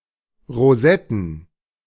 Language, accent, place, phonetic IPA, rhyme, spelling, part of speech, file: German, Germany, Berlin, [ʁoˈzɛtn̩], -ɛtn̩, Rosetten, noun, De-Rosetten.ogg
- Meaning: plural of Rosette